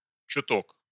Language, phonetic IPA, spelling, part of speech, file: Russian, [t͡ɕʊˈtok], чуток, adverb, Ru-чуток.ogg
- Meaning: a little, a bit